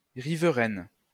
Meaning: feminine singular of riverain
- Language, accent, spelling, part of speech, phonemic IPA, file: French, France, riveraine, adjective, /ʁi.vʁɛn/, LL-Q150 (fra)-riveraine.wav